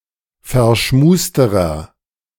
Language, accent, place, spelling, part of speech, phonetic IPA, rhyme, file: German, Germany, Berlin, verschmusterer, adjective, [fɛɐ̯ˈʃmuːstəʁɐ], -uːstəʁɐ, De-verschmusterer.ogg
- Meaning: inflection of verschmust: 1. strong/mixed nominative masculine singular comparative degree 2. strong genitive/dative feminine singular comparative degree 3. strong genitive plural comparative degree